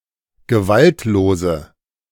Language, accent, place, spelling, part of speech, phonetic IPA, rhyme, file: German, Germany, Berlin, gewaltlose, adjective, [ɡəˈvaltloːzə], -altloːzə, De-gewaltlose.ogg
- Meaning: inflection of gewaltlos: 1. strong/mixed nominative/accusative feminine singular 2. strong nominative/accusative plural 3. weak nominative all-gender singular